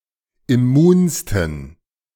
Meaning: 1. superlative degree of immun 2. inflection of immun: strong genitive masculine/neuter singular superlative degree
- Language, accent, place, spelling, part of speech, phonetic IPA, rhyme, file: German, Germany, Berlin, immunsten, adjective, [ɪˈmuːnstn̩], -uːnstn̩, De-immunsten.ogg